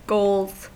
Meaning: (adjective) Extremely admirable; worthy of being set as a goal and emulated; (noun) plural of goal; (verb) third-person singular simple present indicative of goal
- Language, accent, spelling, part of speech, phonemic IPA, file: English, US, goals, adjective / noun / verb, /ɡoʊlz/, En-us-goals.ogg